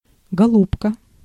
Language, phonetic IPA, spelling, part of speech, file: Russian, [ɡɐˈɫupkə], голубка, noun, Ru-голубка.ogg
- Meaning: 1. dove (female), small pigeon (female) 2. dear, darling, honey